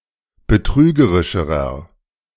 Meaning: inflection of betrügerisch: 1. strong/mixed nominative masculine singular comparative degree 2. strong genitive/dative feminine singular comparative degree 3. strong genitive plural comparative degree
- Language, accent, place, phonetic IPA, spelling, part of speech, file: German, Germany, Berlin, [bəˈtʁyːɡəʁɪʃəʁɐ], betrügerischerer, adjective, De-betrügerischerer.ogg